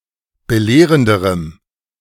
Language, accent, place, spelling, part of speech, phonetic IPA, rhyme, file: German, Germany, Berlin, belehrenderem, adjective, [bəˈleːʁəndəʁəm], -eːʁəndəʁəm, De-belehrenderem.ogg
- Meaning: strong dative masculine/neuter singular comparative degree of belehrend